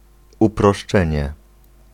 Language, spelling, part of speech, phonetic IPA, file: Polish, uproszczenie, noun, [ˌuprɔʃˈt͡ʃɛ̃ɲɛ], Pl-uproszczenie.ogg